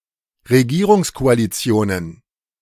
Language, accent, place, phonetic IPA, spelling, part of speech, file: German, Germany, Berlin, [ʁeˈɡiːʁʊŋskoaliˌt͡si̯oːnən], Regierungskoalitionen, noun, De-Regierungskoalitionen.ogg
- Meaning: plural of Regierungskoalition